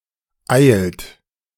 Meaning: inflection of eilen: 1. third-person singular present 2. second-person plural present 3. plural imperative
- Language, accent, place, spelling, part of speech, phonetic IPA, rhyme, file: German, Germany, Berlin, eilt, verb, [aɪ̯lt], -aɪ̯lt, De-eilt.ogg